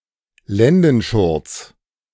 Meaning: loincloth
- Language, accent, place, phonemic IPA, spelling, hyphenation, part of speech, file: German, Germany, Berlin, /ˈlɛndn̩ˌʃʊʁt͡s/, Lendenschurz, Len‧den‧schurz, noun, De-Lendenschurz.ogg